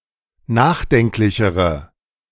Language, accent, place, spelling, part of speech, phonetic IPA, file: German, Germany, Berlin, nachdenklichere, adjective, [ˈnaːxˌdɛŋklɪçəʁə], De-nachdenklichere.ogg
- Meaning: inflection of nachdenklich: 1. strong/mixed nominative/accusative feminine singular comparative degree 2. strong nominative/accusative plural comparative degree